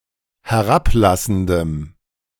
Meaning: strong dative masculine/neuter singular of herablassend
- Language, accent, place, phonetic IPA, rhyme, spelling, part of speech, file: German, Germany, Berlin, [hɛˈʁapˌlasn̩dəm], -aplasn̩dəm, herablassendem, adjective, De-herablassendem.ogg